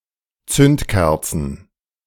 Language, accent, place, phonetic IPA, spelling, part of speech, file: German, Germany, Berlin, [ˈt͡sʏntˌkɛʁt͡sn̩], Zündkerzen, noun, De-Zündkerzen.ogg
- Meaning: plural of Zündkerze